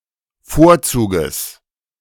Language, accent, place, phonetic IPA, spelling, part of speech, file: German, Germany, Berlin, [ˈfoːɐ̯ˌt͡suːɡəs], Vorzuges, noun, De-Vorzuges.ogg
- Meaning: genitive singular of Vorzug